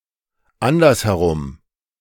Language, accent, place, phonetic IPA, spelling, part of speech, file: German, Germany, Berlin, [ˈandɐshɛˌʁʊm], andersherum, adverb, De-andersherum.ogg
- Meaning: the other way round